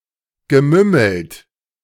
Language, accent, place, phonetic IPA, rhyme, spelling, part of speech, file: German, Germany, Berlin, [ɡəˈmʏml̩t], -ʏml̩t, gemümmelt, verb, De-gemümmelt.ogg
- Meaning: past participle of mümmeln